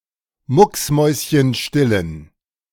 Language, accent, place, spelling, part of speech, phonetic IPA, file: German, Germany, Berlin, mucksmäuschenstillen, adjective, [ˈmʊksˌmɔɪ̯sçənʃtɪlən], De-mucksmäuschenstillen.ogg
- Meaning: inflection of mucksmäuschenstill: 1. strong genitive masculine/neuter singular 2. weak/mixed genitive/dative all-gender singular 3. strong/weak/mixed accusative masculine singular